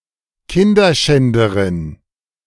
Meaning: female Kinderschänder
- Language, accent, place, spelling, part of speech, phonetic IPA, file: German, Germany, Berlin, Kinderschänderin, noun, [ˈkɪndɐˌʃɛndəʁɪn], De-Kinderschänderin.ogg